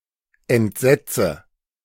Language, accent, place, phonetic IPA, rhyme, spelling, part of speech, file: German, Germany, Berlin, [ɛntˈzɛt͡sə], -ɛt͡sə, entsetze, verb, De-entsetze.ogg
- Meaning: inflection of entsetzen: 1. first-person singular present 2. first/third-person singular subjunctive I 3. singular imperative